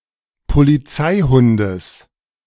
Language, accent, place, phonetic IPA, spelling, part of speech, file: German, Germany, Berlin, [poliˈt͡saɪ̯ˌhʊndəs], Polizeihundes, noun, De-Polizeihundes.ogg
- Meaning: genitive singular of Polizeihund